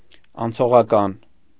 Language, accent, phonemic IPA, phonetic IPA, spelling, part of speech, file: Armenian, Eastern Armenian, /ɑnt͡sʰoʁɑˈkɑn/, [ɑnt͡sʰoʁɑkɑ́n], անցողական, adjective, Hy-անցողական.ogg
- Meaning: 1. transitory, temporary 2. transitive